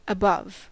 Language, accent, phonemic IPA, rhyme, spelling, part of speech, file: English, General American, /əˈbʌv/, -ʌv, above, preposition / adverb / adjective / noun, En-us-above.ogg
- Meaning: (preposition) 1. Physically over; on top of; worn on top of, said of clothing 2. In or to a higher place; higher than; on or over the upper surface 3. Farther north than